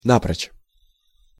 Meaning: absolutely, altogether, without a trace
- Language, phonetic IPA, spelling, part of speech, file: Russian, [ˈnaprət͡ɕ], напрочь, adverb, Ru-напрочь.ogg